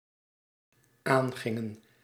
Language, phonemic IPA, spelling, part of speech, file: Dutch, /ˈaŋɣɪŋə(n)/, aangingen, verb, Nl-aangingen.ogg
- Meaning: inflection of aangaan: 1. plural dependent-clause past indicative 2. plural dependent-clause past subjunctive